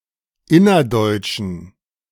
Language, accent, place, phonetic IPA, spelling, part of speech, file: German, Germany, Berlin, [ˈɪnɐˌdɔɪ̯t͡ʃn̩], innerdeutschen, adjective, De-innerdeutschen.ogg
- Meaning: inflection of innerdeutsch: 1. strong genitive masculine/neuter singular 2. weak/mixed genitive/dative all-gender singular 3. strong/weak/mixed accusative masculine singular 4. strong dative plural